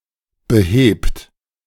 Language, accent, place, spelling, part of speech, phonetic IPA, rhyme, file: German, Germany, Berlin, behebt, verb, [bəˈheːpt], -eːpt, De-behebt.ogg
- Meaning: inflection of beheben: 1. third-person singular present 2. second-person plural present 3. plural imperative